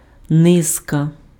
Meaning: 1. string (of beads, fish, mushrooms, etc.) 2. array, train, procession, chain, sequence (a set of abstract or concrete objects in order) 3. sequence, train, succession, chain, series (of events)
- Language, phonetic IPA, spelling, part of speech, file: Ukrainian, [ˈnɪzkɐ], низка, noun, Uk-низка.ogg